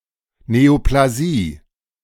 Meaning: neoplasia
- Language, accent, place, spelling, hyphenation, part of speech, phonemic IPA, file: German, Germany, Berlin, Neoplasie, Neo‧pla‧sie, noun, /neoplaˈziː/, De-Neoplasie.ogg